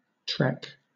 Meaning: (noun) 1. A journey by ox wagon 2. The Boer migration of 1835–1837 3. A slow or difficult journey 4. A long walk; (verb) To make a slow or arduous journey
- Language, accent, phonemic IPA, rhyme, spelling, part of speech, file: English, Southern England, /tɹɛk/, -ɛk, trek, noun / verb, LL-Q1860 (eng)-trek.wav